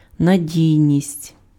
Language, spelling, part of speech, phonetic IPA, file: Ukrainian, надійність, noun, [nɐˈdʲii̯nʲisʲtʲ], Uk-надійність.ogg
- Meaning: 1. reliability, dependability 2. quality (the degree to which a man-made object or system is free from bugs and flaws)